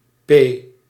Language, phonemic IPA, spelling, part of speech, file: Dutch, /peː/, P, character / noun, Nl-P.ogg
- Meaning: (character) the sixteenth letter of the Dutch alphabet; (noun) abbreviation of paard (“knight”)